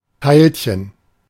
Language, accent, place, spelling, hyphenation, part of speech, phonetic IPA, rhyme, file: German, Germany, Berlin, Teilchen, Teil‧chen, noun, [ˈtaɪ̯lçən], -aɪ̯lçən, De-Teilchen.ogg
- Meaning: 1. particle 2. bun (sweet pastry, e.g. Danish pastry)